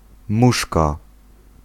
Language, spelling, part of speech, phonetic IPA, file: Polish, muszka, noun, [ˈmuʃka], Pl-muszka.ogg